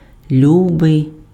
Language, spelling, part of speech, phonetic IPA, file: Ukrainian, любий, adjective / noun / determiner, [ˈlʲubei̯], Uk-любий.ogg
- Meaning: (adjective) dear, beloved; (noun) 1. dear, darling, sweetheart, love (referring to a man) 2. honey, darling, sweetheart (as a form of address to a man); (determiner) any, either, whichever one wants